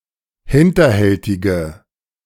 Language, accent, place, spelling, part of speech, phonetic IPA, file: German, Germany, Berlin, hinterhältige, adjective, [ˈhɪntɐˌhɛltɪɡə], De-hinterhältige.ogg
- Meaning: inflection of hinterhältig: 1. strong/mixed nominative/accusative feminine singular 2. strong nominative/accusative plural 3. weak nominative all-gender singular